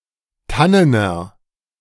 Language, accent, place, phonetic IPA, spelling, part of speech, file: German, Germany, Berlin, [ˈtanənɐ], tannener, adjective, De-tannener.ogg
- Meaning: inflection of tannen: 1. strong/mixed nominative masculine singular 2. strong genitive/dative feminine singular 3. strong genitive plural